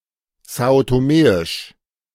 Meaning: synonym of santomeisch
- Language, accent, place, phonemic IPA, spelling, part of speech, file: German, Germany, Berlin, /ˈzaːo toˈmeːɪʃ/, são-toméisch, adjective, De-são-toméisch.ogg